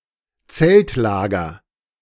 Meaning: tent camp
- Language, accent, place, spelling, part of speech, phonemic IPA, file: German, Germany, Berlin, Zeltlager, noun, /ˈt͡sɛltˌlaːɡɐ/, De-Zeltlager.ogg